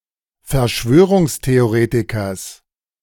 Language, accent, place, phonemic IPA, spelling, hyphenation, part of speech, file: German, Germany, Berlin, /fɛɐ̯ˈʃvøː.ʁʊŋs.te.oˌʁeː.ti.kɐs/, Verschwörungstheoretikers, Ver‧schwö‧rungs‧the‧o‧re‧ti‧kers, noun, De-Verschwörungstheoretikers.ogg
- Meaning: genitive singular of Verschwörungstheoretiker